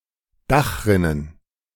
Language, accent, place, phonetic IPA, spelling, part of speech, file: German, Germany, Berlin, [ˈdaxˌʁɪnən], Dachrinnen, noun, De-Dachrinnen.ogg
- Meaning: plural of Dachrinne